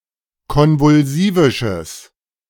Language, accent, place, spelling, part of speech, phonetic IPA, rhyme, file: German, Germany, Berlin, konvulsivisches, adjective, [ˌkɔnvʊlˈziːvɪʃəs], -iːvɪʃəs, De-konvulsivisches.ogg
- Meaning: strong/mixed nominative/accusative neuter singular of konvulsivisch